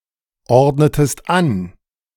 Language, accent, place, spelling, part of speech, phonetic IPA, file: German, Germany, Berlin, ordnetest an, verb, [ˌɔʁdnətəst ˈan], De-ordnetest an.ogg
- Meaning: inflection of anordnen: 1. second-person singular preterite 2. second-person singular subjunctive II